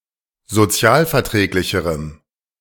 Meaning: strong dative masculine/neuter singular comparative degree of sozialverträglich
- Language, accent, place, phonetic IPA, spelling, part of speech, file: German, Germany, Berlin, [zoˈt͡si̯aːlfɛɐ̯ˌtʁɛːklɪçəʁəm], sozialverträglicherem, adjective, De-sozialverträglicherem.ogg